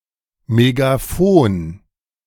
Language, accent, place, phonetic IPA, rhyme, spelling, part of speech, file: German, Germany, Berlin, [meɡaˈfoːn], -oːn, Megaphon, noun, De-Megaphon.ogg
- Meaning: alternative spelling of Megafon